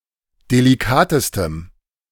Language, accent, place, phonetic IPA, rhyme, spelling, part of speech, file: German, Germany, Berlin, [deliˈkaːtəstəm], -aːtəstəm, delikatestem, adjective, De-delikatestem.ogg
- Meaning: strong dative masculine/neuter singular superlative degree of delikat